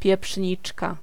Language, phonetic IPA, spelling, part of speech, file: Polish, [pʲjɛˈpʃʲɲit͡ʃka], pieprzniczka, noun, Pl-pieprzniczka.ogg